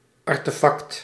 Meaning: artifact
- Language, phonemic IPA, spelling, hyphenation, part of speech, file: Dutch, /ɑr.tə.fɑkt/, artefact, ar‧te‧fact, noun, Nl-artefact.ogg